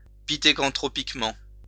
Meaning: pithecanthropically
- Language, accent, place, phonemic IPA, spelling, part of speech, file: French, France, Lyon, /pi.te.kɑ̃.tʁɔ.pik.mɑ̃/, pithécanthropiquement, adverb, LL-Q150 (fra)-pithécanthropiquement.wav